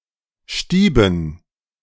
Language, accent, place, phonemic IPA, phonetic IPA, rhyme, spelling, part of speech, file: German, Germany, Berlin, /ˈʃtiːbən/, [ˈʃtiː.bn̩], -iːbən, stieben, verb, De-stieben.ogg
- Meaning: 1. to swirl and fly somewhere (of small particles, such as dust or sparks) 2. to scatter and run away, typically in panic